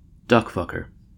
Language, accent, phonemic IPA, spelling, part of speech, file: English, US, /ˈdʌkˌfʌkə(ɹ)/, duckfucker, noun, En-us-duckfucker.ogg
- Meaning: Term of abuse